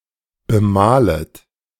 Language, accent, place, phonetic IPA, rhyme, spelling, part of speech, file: German, Germany, Berlin, [bəˈmaːlət], -aːlət, bemalet, verb, De-bemalet.ogg
- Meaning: second-person plural subjunctive I of bemalen